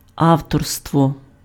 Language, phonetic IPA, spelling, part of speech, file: Ukrainian, [ˈau̯tɔrstwɔ], авторство, noun, Uk-авторство.ogg
- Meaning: authorship